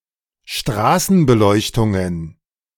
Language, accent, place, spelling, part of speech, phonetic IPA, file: German, Germany, Berlin, Straßenbeleuchtungen, noun, [ˈʃtʁaːsn̩bəˌlɔɪ̯çtʊŋən], De-Straßenbeleuchtungen.ogg
- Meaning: plural of Straßenbeleuchtung